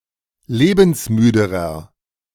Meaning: inflection of lebensmüde: 1. strong/mixed nominative masculine singular comparative degree 2. strong genitive/dative feminine singular comparative degree 3. strong genitive plural comparative degree
- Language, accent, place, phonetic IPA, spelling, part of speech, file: German, Germany, Berlin, [ˈleːbn̩sˌmyːdəʁɐ], lebensmüderer, adjective, De-lebensmüderer.ogg